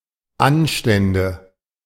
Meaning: nominative/accusative/genitive plural of Anstand
- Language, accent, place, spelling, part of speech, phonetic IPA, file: German, Germany, Berlin, Anstände, noun, [ˈanʃtɛndə], De-Anstände.ogg